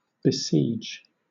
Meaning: 1. To beset or surround with armed forces for the purpose of compelling to surrender, to lay siege to, beleaguer 2. To beleaguer, to vex, to lay siege to, to beset
- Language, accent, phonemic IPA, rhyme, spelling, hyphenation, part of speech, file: English, Southern England, /bəˈsiːd͡ʒ/, -iːdʒ, besiege, be‧siege, verb, LL-Q1860 (eng)-besiege.wav